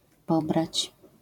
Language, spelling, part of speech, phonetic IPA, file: Polish, pobrać, verb, [ˈpɔbrat͡ɕ], LL-Q809 (pol)-pobrać.wav